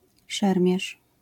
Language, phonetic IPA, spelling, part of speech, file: Polish, [ˈʃɛrmʲjɛʃ], szermierz, noun, LL-Q809 (pol)-szermierz.wav